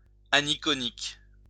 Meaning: aniconic
- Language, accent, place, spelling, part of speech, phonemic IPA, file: French, France, Lyon, aniconique, adjective, /a.ni.kɔ.nik/, LL-Q150 (fra)-aniconique.wav